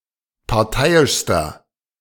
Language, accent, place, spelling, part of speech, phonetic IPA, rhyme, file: German, Germany, Berlin, parteiischster, adjective, [paʁˈtaɪ̯ɪʃstɐ], -aɪ̯ɪʃstɐ, De-parteiischster.ogg
- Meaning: inflection of parteiisch: 1. strong/mixed nominative masculine singular superlative degree 2. strong genitive/dative feminine singular superlative degree 3. strong genitive plural superlative degree